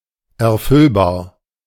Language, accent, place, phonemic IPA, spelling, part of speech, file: German, Germany, Berlin, /ɛɐ̯ˈfʏlbaːɐ̯/, erfüllbar, adjective, De-erfüllbar.ogg
- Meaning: feasible